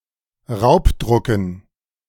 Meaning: dative plural of Raubdruck
- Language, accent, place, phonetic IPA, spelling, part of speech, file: German, Germany, Berlin, [ˈʁaʊ̯pˌdʁʊkn̩], Raubdrucken, noun, De-Raubdrucken.ogg